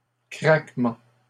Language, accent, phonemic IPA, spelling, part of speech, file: French, Canada, /kʁak.mɑ̃/, craquements, noun, LL-Q150 (fra)-craquements.wav
- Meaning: plural of craquement